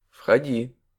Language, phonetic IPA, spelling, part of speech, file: Russian, [fxɐˈdʲi], входи, verb, Ru-входи.ogg
- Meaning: second-person singular imperative imperfective of входи́ть (vxodítʹ)